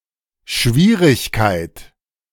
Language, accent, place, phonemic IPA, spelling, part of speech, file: German, Germany, Berlin, /ˈʃviːʁɪçkaɪ̯t/, Schwierigkeit, noun, De-Schwierigkeit.ogg
- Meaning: 1. difficulty, problem 2. trouble, difficulty, hardships, complications (NOTE: when in the plural, this word can retain a singular English abstract meaning)